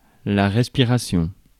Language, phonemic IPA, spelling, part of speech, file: French, /ʁɛs.pi.ʁa.sjɔ̃/, respiration, noun, Fr-respiration.ogg
- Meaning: respiration